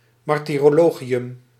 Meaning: martyrology (list of martyrs; hagiography about a martyr)
- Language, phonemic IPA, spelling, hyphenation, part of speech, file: Dutch, /ˌmɑr.tiː.roːˈloː.ɣi.ʏm/, martyrologium, mar‧ty‧ro‧lo‧gi‧um, noun, Nl-martyrologium.ogg